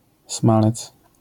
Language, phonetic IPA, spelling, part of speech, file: Polish, [ˈsmalɛt͡s], smalec, noun, LL-Q809 (pol)-smalec.wav